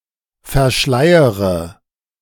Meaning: inflection of verschleiern: 1. first-person singular present 2. first/third-person singular subjunctive I 3. singular imperative
- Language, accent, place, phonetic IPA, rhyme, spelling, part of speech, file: German, Germany, Berlin, [fɛɐ̯ˈʃlaɪ̯əʁə], -aɪ̯əʁə, verschleiere, verb, De-verschleiere.ogg